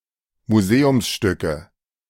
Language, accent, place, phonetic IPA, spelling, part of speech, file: German, Germany, Berlin, [muˈzeːʊmsˌʃtʏkə], Museumsstücke, noun, De-Museumsstücke.ogg
- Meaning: nominative/accusative/genitive plural of Museumsstück